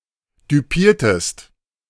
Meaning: inflection of düpieren: 1. second-person singular preterite 2. second-person singular subjunctive II
- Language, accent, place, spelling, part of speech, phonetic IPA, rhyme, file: German, Germany, Berlin, düpiertest, verb, [dyˈpiːɐ̯təst], -iːɐ̯təst, De-düpiertest.ogg